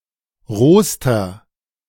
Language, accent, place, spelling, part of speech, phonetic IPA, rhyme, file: German, Germany, Berlin, rohster, adjective, [ˈʁoːstɐ], -oːstɐ, De-rohster.ogg
- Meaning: inflection of roh: 1. strong/mixed nominative masculine singular superlative degree 2. strong genitive/dative feminine singular superlative degree 3. strong genitive plural superlative degree